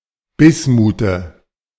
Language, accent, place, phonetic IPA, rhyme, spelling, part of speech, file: German, Germany, Berlin, [ˈbɪsmuːtə], -ɪsmuːtə, Bismute, noun, De-Bismute.ogg
- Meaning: dative singular of Bismut